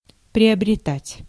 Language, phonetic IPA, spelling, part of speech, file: Russian, [prʲɪəbrʲɪˈtatʲ], приобретать, verb, Ru-приобретать.ogg
- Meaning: 1. to acquire, to gain 2. to purchase